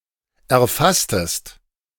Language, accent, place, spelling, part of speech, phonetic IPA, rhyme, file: German, Germany, Berlin, erfasstest, verb, [ɛɐ̯ˈfastəst], -astəst, De-erfasstest.ogg
- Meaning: inflection of erfassen: 1. second-person singular preterite 2. second-person singular subjunctive II